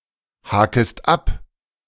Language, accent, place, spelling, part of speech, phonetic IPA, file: German, Germany, Berlin, hakest ab, verb, [ˌhaːkəst ˈap], De-hakest ab.ogg
- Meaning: second-person singular subjunctive I of abhaken